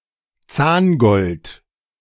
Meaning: dental gold (for fillings)
- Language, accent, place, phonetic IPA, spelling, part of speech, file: German, Germany, Berlin, [ˈt͡saːnˌɡɔlt], Zahngold, noun, De-Zahngold.ogg